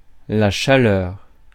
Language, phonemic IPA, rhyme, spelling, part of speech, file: French, /ʃa.lœʁ/, -œʁ, chaleur, noun, Fr-chaleur.ogg
- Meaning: 1. heat 2. heat (a state of sexual aggression)